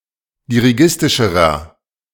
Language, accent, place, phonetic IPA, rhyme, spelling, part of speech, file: German, Germany, Berlin, [diʁiˈɡɪstɪʃəʁɐ], -ɪstɪʃəʁɐ, dirigistischerer, adjective, De-dirigistischerer.ogg
- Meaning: inflection of dirigistisch: 1. strong/mixed nominative masculine singular comparative degree 2. strong genitive/dative feminine singular comparative degree 3. strong genitive plural comparative degree